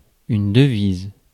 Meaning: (noun) 1. motto 2. assets in foreign currency 3. currency; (verb) inflection of deviser: 1. first/third-person singular present indicative/subjunctive 2. second-person singular imperative
- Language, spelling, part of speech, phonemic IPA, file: French, devise, noun / verb, /də.viz/, Fr-devise.ogg